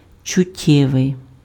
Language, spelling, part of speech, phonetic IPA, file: Ukrainian, чуттєвий, adjective, [t͡ʃʊˈtʲːɛʋei̯], Uk-чуттєвий.ogg
- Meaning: 1. sensory 2. sensual, sensuous